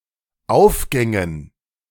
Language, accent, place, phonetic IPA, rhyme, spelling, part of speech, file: German, Germany, Berlin, [ˈaʊ̯fˌɡɛŋən], -aʊ̯fɡɛŋən, Aufgängen, noun, De-Aufgängen.ogg
- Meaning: dative plural of Aufgang